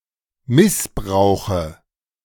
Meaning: dative of Missbrauch
- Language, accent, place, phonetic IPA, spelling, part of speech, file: German, Germany, Berlin, [ˈmɪsˌbʁaʊ̯xə], Missbrauche, noun, De-Missbrauche.ogg